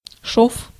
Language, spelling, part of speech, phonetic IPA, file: Russian, шов, noun, [ʂof], Ru-шов.ogg
- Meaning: 1. seam 2. stitch, suture 3. joint, junction 4. weld, welded joint 5. stitch